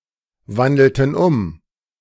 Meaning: inflection of umwandeln: 1. first/third-person plural preterite 2. first/third-person plural subjunctive II
- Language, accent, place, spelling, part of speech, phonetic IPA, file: German, Germany, Berlin, wandelten um, verb, [ˌvandl̩tn̩ ˈʊm], De-wandelten um.ogg